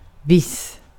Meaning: 1. certain, convinced 2. some, certain, particular
- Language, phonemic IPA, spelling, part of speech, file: Swedish, /vɪsː/, viss, adjective, Sv-viss.ogg